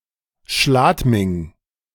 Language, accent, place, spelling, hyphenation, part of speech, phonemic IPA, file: German, Germany, Berlin, Schladming, Schlad‧ming, proper noun, /ˈʃlaːtmɪŋ/, De-Schladming.ogg
- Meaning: a municipality of Styria, Austria